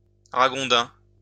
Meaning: coypu
- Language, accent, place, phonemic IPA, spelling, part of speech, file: French, France, Lyon, /ʁa.ɡɔ̃.dɛ̃/, ragondin, noun, LL-Q150 (fra)-ragondin.wav